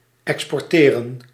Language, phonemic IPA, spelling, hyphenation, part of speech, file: Dutch, /ˌɛkspɔrˈteːrə(n)/, exporteren, ex‧por‧te‧ren, verb, Nl-exporteren.ogg
- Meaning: 1. to export (to transport out of a country, chiefly for international trade) 2. to export (to convert to a different file type)